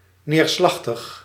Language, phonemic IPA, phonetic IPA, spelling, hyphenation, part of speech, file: Dutch, /ˌneːrˈslɑx.təx/, [ˌnɪːrˈslɑx.təx], neerslachtig, neer‧slach‧tig, adjective, Nl-neerslachtig.ogg
- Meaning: dejected, downcast, despondent